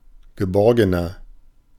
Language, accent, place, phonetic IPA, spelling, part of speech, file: German, Germany, Berlin, [ɡəˈbɔʁɡənɐ], geborgener, adjective, De-geborgener.ogg
- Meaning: 1. comparative degree of geborgen 2. inflection of geborgen: strong/mixed nominative masculine singular 3. inflection of geborgen: strong genitive/dative feminine singular